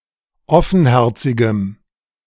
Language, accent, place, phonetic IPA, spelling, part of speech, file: German, Germany, Berlin, [ˈɔfn̩ˌhɛʁt͡sɪɡəm], offenherzigem, adjective, De-offenherzigem.ogg
- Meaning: strong dative masculine/neuter singular of offenherzig